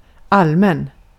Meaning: 1. general (universal) 2. general (universal): occurring generally; common, widespread 3. general (broad) 4. public (common to (almost) all members of a group, usually the public)
- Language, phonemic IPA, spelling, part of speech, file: Swedish, /ˈalˌmɛn/, allmän, adjective, Sv-allmän.ogg